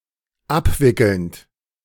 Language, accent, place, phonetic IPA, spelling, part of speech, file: German, Germany, Berlin, [ˈapˌvɪkl̩nt], abwickelnd, verb, De-abwickelnd.ogg
- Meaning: present participle of abwickeln